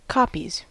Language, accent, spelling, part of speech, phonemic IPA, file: English, US, copies, noun / verb, /ˈkɑpiz/, En-us-copies.ogg
- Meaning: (noun) plural of copy; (verb) third-person singular simple present indicative of copy